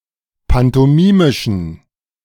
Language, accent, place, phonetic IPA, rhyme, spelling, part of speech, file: German, Germany, Berlin, [pantɔˈmiːmɪʃn̩], -iːmɪʃn̩, pantomimischen, adjective, De-pantomimischen.ogg
- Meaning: inflection of pantomimisch: 1. strong genitive masculine/neuter singular 2. weak/mixed genitive/dative all-gender singular 3. strong/weak/mixed accusative masculine singular 4. strong dative plural